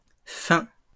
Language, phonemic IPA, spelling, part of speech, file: French, /fɛ̃/, fins, noun / adjective, LL-Q150 (fra)-fins.wav
- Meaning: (noun) plural of fin; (adjective) masculine plural of fin